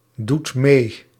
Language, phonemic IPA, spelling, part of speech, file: Dutch, /ˈdut ˈme/, doet mee, verb, Nl-doet mee.ogg
- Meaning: inflection of meedoen: 1. second/third-person singular present indicative 2. plural imperative